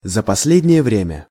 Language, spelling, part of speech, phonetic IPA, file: Russian, за последнее время, adverb, [zə‿pɐs⁽ʲ⁾ˈlʲedʲnʲɪje ˈvrʲemʲə], Ru-за последнее время.ogg
- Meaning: recently, lately, of late